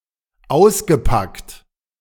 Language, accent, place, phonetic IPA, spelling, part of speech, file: German, Germany, Berlin, [ˈaʊ̯sɡəˌpakt], ausgepackt, verb, De-ausgepackt.ogg
- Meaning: past participle of auspacken